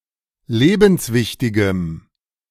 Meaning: strong dative masculine/neuter singular of lebenswichtig
- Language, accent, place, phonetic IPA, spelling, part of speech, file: German, Germany, Berlin, [ˈleːbn̩sˌvɪçtɪɡəm], lebenswichtigem, adjective, De-lebenswichtigem.ogg